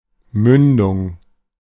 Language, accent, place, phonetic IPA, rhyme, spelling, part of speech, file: German, Germany, Berlin, [ˈmʏndʊŋ], -ʏndʊŋ, Mündung, noun, De-Mündung.ogg
- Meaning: 1. mouth (of a river) 2. muzzle